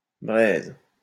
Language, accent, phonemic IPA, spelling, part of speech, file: French, France, /bʁɛz/, braises, noun / verb, LL-Q150 (fra)-braises.wav
- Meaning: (noun) plural of braise; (verb) second-person singular present indicative/subjunctive of braiser